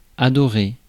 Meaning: 1. to love, to adore 2. to worship
- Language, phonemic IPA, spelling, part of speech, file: French, /a.dɔ.ʁe/, adorer, verb, Fr-adorer.ogg